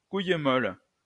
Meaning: pansy, chickenshit (person with little courage or bravery)
- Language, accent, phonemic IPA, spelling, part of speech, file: French, France, /kuj mɔl/, couille molle, noun, LL-Q150 (fra)-couille molle.wav